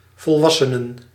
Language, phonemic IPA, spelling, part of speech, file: Dutch, /vɔlˈʋɑsənə(n)/, volwassenen, noun, Nl-volwassenen.ogg
- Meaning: plural of volwassene